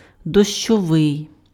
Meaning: 1. rainy 2. rain (attributive), pluvial
- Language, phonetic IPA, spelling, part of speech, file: Ukrainian, [dɔʃt͡ʃɔˈʋɪi̯], дощовий, adjective, Uk-дощовий.ogg